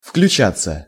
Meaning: 1. to be included in, to become part of 2. to join, to take part 3. passive of включа́ть (vključátʹ)
- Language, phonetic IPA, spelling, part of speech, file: Russian, [fklʲʉˈt͡ɕat͡sːə], включаться, verb, Ru-включаться.ogg